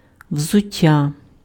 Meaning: footwear
- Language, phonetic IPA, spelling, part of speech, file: Ukrainian, [wzʊˈtʲːa], взуття, noun, Uk-взуття.ogg